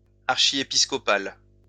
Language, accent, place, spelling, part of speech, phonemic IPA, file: French, France, Lyon, archiépiscopal, adjective, /aʁ.ʃi.e.pis.kɔ.pal/, LL-Q150 (fra)-archiépiscopal.wav
- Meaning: archiepiscopal